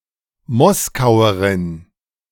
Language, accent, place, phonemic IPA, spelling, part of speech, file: German, Germany, Berlin, /ˈmɔskaʊ̯əʁɪn/, Moskauerin, noun, De-Moskauerin.ogg
- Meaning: female equivalent of Moskauer (“person from Moscow, Muscovite”)